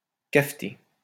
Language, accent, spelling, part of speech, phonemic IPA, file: French, France, cafter, verb, /kaf.te/, LL-Q150 (fra)-cafter.wav
- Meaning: 1. to rat; to rat on 2. to denounce